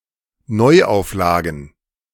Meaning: plural of Neuauflage
- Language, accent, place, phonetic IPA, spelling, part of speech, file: German, Germany, Berlin, [ˈnɔɪ̯ʔaʊ̯fˌlaːɡn̩], Neuauflagen, noun, De-Neuauflagen.ogg